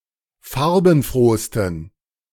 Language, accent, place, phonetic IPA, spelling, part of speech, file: German, Germany, Berlin, [ˈfaʁbn̩ˌfʁoːstn̩], farbenfrohsten, adjective, De-farbenfrohsten.ogg
- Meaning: 1. superlative degree of farbenfroh 2. inflection of farbenfroh: strong genitive masculine/neuter singular superlative degree